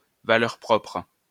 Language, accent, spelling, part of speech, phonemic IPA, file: French, France, valeur propre, noun, /va.lɛʁ pʁɔpʁ/, LL-Q150 (fra)-valeur propre.wav
- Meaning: eigenvalue